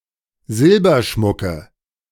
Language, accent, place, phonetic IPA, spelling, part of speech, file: German, Germany, Berlin, [ˈzɪlbɐˌʃmʊkə], Silberschmucke, noun, De-Silberschmucke.ogg
- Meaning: nominative/accusative/genitive plural of Silberschmuck